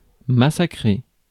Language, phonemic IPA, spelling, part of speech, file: French, /ma.sa.kʁe/, massacrer, verb, Fr-massacrer.ogg
- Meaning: 1. to massacre (to kill) 2. to botch (to do something badly)